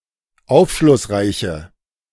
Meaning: inflection of aufschlussreich: 1. strong/mixed nominative/accusative feminine singular 2. strong nominative/accusative plural 3. weak nominative all-gender singular
- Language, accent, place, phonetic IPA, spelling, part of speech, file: German, Germany, Berlin, [ˈaʊ̯fʃlʊsˌʁaɪ̯çə], aufschlussreiche, adjective, De-aufschlussreiche.ogg